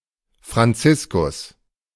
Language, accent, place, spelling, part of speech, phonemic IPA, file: German, Germany, Berlin, Franziskus, proper noun, /fʁanˈtsɪskʊs/, De-Franziskus.ogg
- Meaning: a male given name, feminine equivalent Franziska, equivalent to English Francis; diminutive form Franz